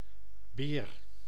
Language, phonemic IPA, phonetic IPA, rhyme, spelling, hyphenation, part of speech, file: Dutch, /beːr/, [bɪːr], -eːr, beer, beer, noun, Nl-beer.ogg
- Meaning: 1. a bear, any member of the family Ursidae 2. a person who is physically impressive and/or crude 3. boar (male swine)